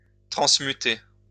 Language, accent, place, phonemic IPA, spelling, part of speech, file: French, France, Lyon, /tʁɑ̃s.my.te/, transmuter, verb, LL-Q150 (fra)-transmuter.wav
- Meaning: to transmute